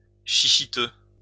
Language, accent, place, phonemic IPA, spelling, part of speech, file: French, France, Lyon, /ʃi.ʃi.tø/, chichiteux, adjective, LL-Q150 (fra)-chichiteux.wav
- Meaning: chichi